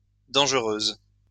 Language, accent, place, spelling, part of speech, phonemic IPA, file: French, France, Lyon, dangereuses, adjective, /dɑ̃ʒ.ʁøz/, LL-Q150 (fra)-dangereuses.wav
- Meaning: feminine plural of dangereux